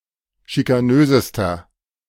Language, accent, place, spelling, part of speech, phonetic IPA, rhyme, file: German, Germany, Berlin, schikanösester, adjective, [ʃikaˈnøːzəstɐ], -øːzəstɐ, De-schikanösester.ogg
- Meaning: inflection of schikanös: 1. strong/mixed nominative masculine singular superlative degree 2. strong genitive/dative feminine singular superlative degree 3. strong genitive plural superlative degree